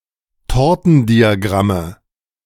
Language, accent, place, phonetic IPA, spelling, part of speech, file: German, Germany, Berlin, [ˈtɔʁtn̩diaˌɡʁamə], Tortendiagramme, noun, De-Tortendiagramme.ogg
- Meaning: nominative/accusative/genitive plural of Tortendiagramm